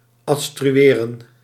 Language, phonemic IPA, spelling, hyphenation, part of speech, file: Dutch, /ɑt.stryˈeːrə(n)/, adstrueren, ad‧stru‧e‧ren, verb, Nl-adstrueren.ogg
- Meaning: to substantiate, to elucidate